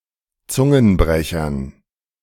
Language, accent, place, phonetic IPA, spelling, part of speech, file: German, Germany, Berlin, [ˈt͡sʊŋənˌbʁɛçɐn], Zungenbrechern, noun, De-Zungenbrechern.ogg
- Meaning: dative plural of Zungenbrecher